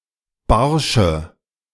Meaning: inflection of barsch: 1. strong/mixed nominative/accusative feminine singular 2. strong nominative/accusative plural 3. weak nominative all-gender singular 4. weak accusative feminine/neuter singular
- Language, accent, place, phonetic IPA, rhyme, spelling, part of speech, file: German, Germany, Berlin, [ˈbaʁʃə], -aʁʃə, barsche, adjective, De-barsche.ogg